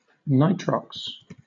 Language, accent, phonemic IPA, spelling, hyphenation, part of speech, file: English, Southern England, /ˈnaɪtɹɒks/, nitrox, nitr‧ox, noun, LL-Q1860 (eng)-nitrox.wav
- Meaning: An industrial process for case hardening (imparting greater surface hardness to) metal objects, involving nitrocarburizing (the diffusion of carbon and nitrogen into the metal) followed by oxidation